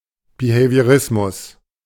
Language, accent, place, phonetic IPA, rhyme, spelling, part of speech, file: German, Germany, Berlin, [bihevi̯əˈʁɪsmʊs], -ɪsmʊs, Behaviorismus, noun, De-Behaviorismus.ogg
- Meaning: behaviorism